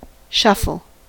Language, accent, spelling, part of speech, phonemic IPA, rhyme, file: English, US, shuffle, noun / verb, /ˈʃʌfəl/, -ʌfəl, En-us-shuffle.ogg
- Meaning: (noun) 1. The act of mixing cards or mah-jong tiles so as to randomize them 2. The act of reordering anything, such as music tracks in a media player